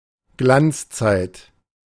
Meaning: heyday, prime (period of success, popularity or power)
- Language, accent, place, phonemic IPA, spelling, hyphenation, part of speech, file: German, Germany, Berlin, /ˈɡlant͡sˌt͡saɪ̯t/, Glanzzeit, Glanz‧zeit, noun, De-Glanzzeit.ogg